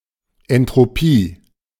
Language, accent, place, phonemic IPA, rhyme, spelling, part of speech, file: German, Germany, Berlin, /ɛntʁoˈpiː/, -iː, Entropie, noun, De-Entropie.ogg
- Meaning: entropy